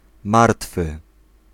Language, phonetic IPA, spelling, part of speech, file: Polish, [ˈmartfɨ], martwy, adjective / noun, Pl-martwy.ogg